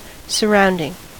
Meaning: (verb) present participle and gerund of surround; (noun) 1. An outlying area; area in proximity to something 2. An environment
- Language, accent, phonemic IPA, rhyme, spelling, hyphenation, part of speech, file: English, US, /səˈɹaʊndɪŋ/, -aʊndɪŋ, surrounding, sur‧round‧ing, verb / adjective / noun, En-us-surrounding.ogg